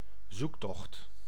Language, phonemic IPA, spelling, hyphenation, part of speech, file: Dutch, /ˈzukˌtɔxt/, zoektocht, zoek‧tocht, noun, Nl-zoektocht.ogg
- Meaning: search, quest